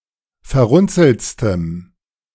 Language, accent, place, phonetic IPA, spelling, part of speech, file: German, Germany, Berlin, [fɛɐ̯ˈʁʊnt͡sl̩t͡stəm], verrunzeltstem, adjective, De-verrunzeltstem.ogg
- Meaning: strong dative masculine/neuter singular superlative degree of verrunzelt